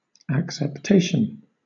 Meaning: 1. The meaning (sense) in which a word or expression is understood, or generally received 2. Acceptance; reception; favorable reception or regard; the state of being acceptable
- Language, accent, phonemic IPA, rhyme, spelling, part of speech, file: English, Southern England, /ˌæk.sɛpˈteɪ.ʃən/, -eɪʃən, acceptation, noun, LL-Q1860 (eng)-acceptation.wav